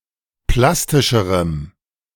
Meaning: strong dative masculine/neuter singular comparative degree of plastisch
- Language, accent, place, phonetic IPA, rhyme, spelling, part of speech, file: German, Germany, Berlin, [ˈplastɪʃəʁəm], -astɪʃəʁəm, plastischerem, adjective, De-plastischerem.ogg